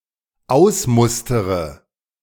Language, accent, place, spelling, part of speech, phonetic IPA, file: German, Germany, Berlin, ausmustere, verb, [ˈaʊ̯sˌmʊstəʁə], De-ausmustere.ogg
- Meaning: inflection of ausmustern: 1. first-person singular dependent present 2. first/third-person singular dependent subjunctive I